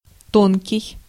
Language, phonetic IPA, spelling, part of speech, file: Russian, [ˈtonkʲɪj], тонкий, adjective, Ru-тонкий.ogg
- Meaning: 1. thin 2. slim, slender 3. small, fine, delicate 4. fine, high-quality (of food, wine, etc.) 5. subtle 6. keen 7. high (voice)